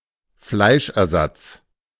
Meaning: meat substitute
- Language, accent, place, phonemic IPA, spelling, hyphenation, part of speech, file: German, Germany, Berlin, /ˈflaɪ̯ʃʔɛɐ̯ˌzat͡s/, Fleischersatz, Fleisch‧er‧satz, noun, De-Fleischersatz.ogg